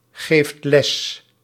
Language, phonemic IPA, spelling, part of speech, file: Dutch, /ˈɣeft ˈlɛs/, geeft les, verb, Nl-geeft les.ogg
- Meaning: inflection of lesgeven: 1. second/third-person singular present indicative 2. plural imperative